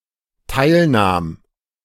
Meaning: first/third-person singular dependent preterite of teilnehmen
- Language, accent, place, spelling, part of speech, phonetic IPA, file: German, Germany, Berlin, teilnahm, verb, [ˈtaɪ̯lˌnaːm], De-teilnahm.ogg